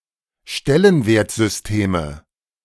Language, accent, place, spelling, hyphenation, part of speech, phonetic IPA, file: German, Germany, Berlin, Stellenwertsysteme, Stel‧len‧wert‧sys‧teme, noun, [ˈʃtɛlənveːɐ̯t.zʏsˌteːmə], De-Stellenwertsysteme.ogg
- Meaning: nominative/accusative/genitive plural of Stellenwertsystem